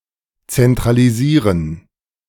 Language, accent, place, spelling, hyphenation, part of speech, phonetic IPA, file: German, Germany, Berlin, zentralisieren, zen‧tra‧li‧sie‧ren, verb, [ˌt͡sɛntʁaliˈziːʁən], De-zentralisieren.ogg
- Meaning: to centralize